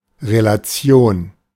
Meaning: relation
- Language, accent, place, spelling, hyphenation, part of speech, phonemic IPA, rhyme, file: German, Germany, Berlin, Relation, Re‧la‧ti‧on, noun, /ʁelaˈt͡si̯oːn/, -oːn, De-Relation.ogg